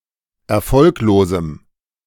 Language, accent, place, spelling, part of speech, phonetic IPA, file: German, Germany, Berlin, erfolglosem, adjective, [ɛɐ̯ˈfɔlkloːzm̩], De-erfolglosem.ogg
- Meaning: strong dative masculine/neuter singular of erfolglos